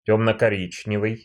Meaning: dark brown
- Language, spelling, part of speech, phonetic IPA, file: Russian, тёмно-коричневый, adjective, [ˌtʲɵmnə kɐˈrʲit͡ɕnʲɪvɨj], Ru-тёмно-коричневый.ogg